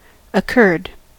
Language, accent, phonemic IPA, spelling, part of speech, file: English, US, /əˈkɝd/, occurred, verb, En-us-occurred.ogg
- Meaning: 1. simple past and past participle of occur 2. simple past and past participle of occurre (obsolete form of occur)